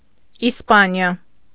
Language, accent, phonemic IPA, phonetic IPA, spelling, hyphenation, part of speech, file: Armenian, Eastern Armenian, /isˈpɑniɑ/, [ispɑ́njɑ], Իսպանիա, Իս‧պա‧նի‧ա, proper noun, Hy-Իսպանիա.ogg
- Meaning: Spain (a country in Southern Europe, including most of the Iberian peninsula)